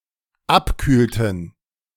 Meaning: inflection of abkühlen: 1. first/third-person plural dependent preterite 2. first/third-person plural dependent subjunctive II
- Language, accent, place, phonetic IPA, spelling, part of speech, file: German, Germany, Berlin, [ˈapˌkyːltn̩], abkühlten, verb, De-abkühlten.ogg